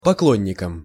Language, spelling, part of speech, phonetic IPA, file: Russian, поклонником, noun, [pɐˈkɫonʲːɪkəm], Ru-поклонником.ogg
- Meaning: instrumental singular of покло́нник (poklónnik)